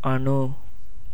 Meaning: 1. atom, minute particle of matter 2. life, soul 3. dust
- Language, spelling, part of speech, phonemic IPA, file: Tamil, அணு, noun, /ɐɳɯ/, Ta-அணு.ogg